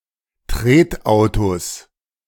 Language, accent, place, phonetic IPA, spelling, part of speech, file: German, Germany, Berlin, [ˈtʁeːtˌʔaʊ̯tos], Tretautos, noun, De-Tretautos.ogg
- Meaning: 1. genitive singular of Tretauto 2. plural of Tretauto